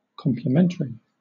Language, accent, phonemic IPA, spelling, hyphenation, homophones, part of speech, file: English, Southern England, /ˌkɒmplɪˈmɛnt(ə)ɹi/, complementary, com‧ple‧men‧ta‧ry, complimentary, adjective / noun, LL-Q1860 (eng)-complementary.wav
- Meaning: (adjective) 1. Acting as a complement; making up a whole with something else 2. Of the specific pairings of the bases in DNA and RNA